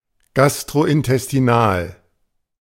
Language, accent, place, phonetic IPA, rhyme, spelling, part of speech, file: German, Germany, Berlin, [ˌɡastʁoʔɪntɛstiˈnaːl], -aːl, gastrointestinal, adjective, De-gastrointestinal.ogg
- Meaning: gastrointestinal